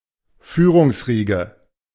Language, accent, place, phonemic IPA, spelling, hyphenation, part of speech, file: German, Germany, Berlin, /ˈfyːʁʊŋsˌʁiːɡə/, Führungsriege, Füh‧rungs‧rie‧ge, noun, De-Führungsriege.ogg
- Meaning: leadership circles